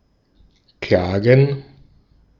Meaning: 1. to complain (to express feelings of pain, dissatisfaction, or resentment) 2. to wail, lament 3. to sue 4. to sue someone
- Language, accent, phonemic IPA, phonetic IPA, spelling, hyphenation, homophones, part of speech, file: German, Austria, /ˈklaːɡən/, [ˈklaːɡŋ̩], klagen, kla‧gen, Klagen, verb, De-at-klagen.ogg